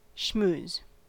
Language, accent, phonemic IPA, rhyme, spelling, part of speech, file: English, US, /ʃmuːz/, -uːz, schmooze, verb / noun, En-us-schmooze.ogg
- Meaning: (verb) To talk casually, especially in order to gain an advantage or make a social connection